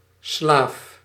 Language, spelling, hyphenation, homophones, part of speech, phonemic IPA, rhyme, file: Dutch, Slaaf, Slaaf, slaaf, noun, /slaːf/, -aːf, Nl-Slaaf.ogg
- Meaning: Slav